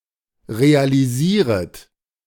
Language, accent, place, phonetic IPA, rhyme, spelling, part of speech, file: German, Germany, Berlin, [ʁealiˈziːʁət], -iːʁət, realisieret, verb, De-realisieret.ogg
- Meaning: second-person plural subjunctive I of realisieren